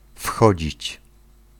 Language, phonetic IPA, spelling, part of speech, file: Polish, [ˈfxɔd͡ʑit͡ɕ], wchodzić, verb, Pl-wchodzić.ogg